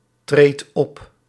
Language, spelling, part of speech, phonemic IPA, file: Dutch, treedt op, verb, /ˈtret ˈɔp/, Nl-treedt op.ogg
- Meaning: inflection of optreden: 1. second/third-person singular present indicative 2. plural imperative